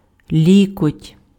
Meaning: elbow
- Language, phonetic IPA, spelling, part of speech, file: Ukrainian, [ˈlʲikɔtʲ], лікоть, noun, Uk-лікоть.ogg